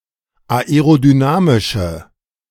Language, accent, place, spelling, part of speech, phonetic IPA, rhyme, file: German, Germany, Berlin, aerodynamische, adjective, [aeʁodyˈnaːmɪʃə], -aːmɪʃə, De-aerodynamische.ogg
- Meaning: inflection of aerodynamisch: 1. strong/mixed nominative/accusative feminine singular 2. strong nominative/accusative plural 3. weak nominative all-gender singular